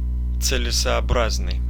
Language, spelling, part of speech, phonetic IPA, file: Russian, целесообразный, adjective, [t͡sɨlʲɪsɐɐˈbraznɨj], Ru-целесообразный.ogg
- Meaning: expedient, expeditious; worthwhile, advisable